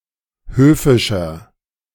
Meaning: 1. comparative degree of höfisch 2. inflection of höfisch: strong/mixed nominative masculine singular 3. inflection of höfisch: strong genitive/dative feminine singular
- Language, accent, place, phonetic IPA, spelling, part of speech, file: German, Germany, Berlin, [ˈhøːfɪʃɐ], höfischer, adjective, De-höfischer.ogg